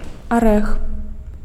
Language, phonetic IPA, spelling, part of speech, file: Belarusian, [aˈrɛx], арэх, noun, Be-арэх.ogg
- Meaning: nut